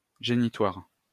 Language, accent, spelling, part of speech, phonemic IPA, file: French, France, génitoires, noun, /ʒe.ni.twaʁ/, LL-Q150 (fra)-génitoires.wav
- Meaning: testicles, genitories